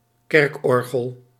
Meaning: church organ
- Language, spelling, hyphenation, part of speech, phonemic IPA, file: Dutch, kerkorgel, kerk‧or‧gel, noun, /ˈkɛrkˌɔr.ɣəl/, Nl-kerkorgel.ogg